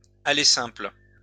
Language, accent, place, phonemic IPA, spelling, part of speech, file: French, France, Lyon, /a.le sɛ̃pl/, aller simple, noun, LL-Q150 (fra)-aller simple.wav
- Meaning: 1. a one-way trip 2. a one-way ticket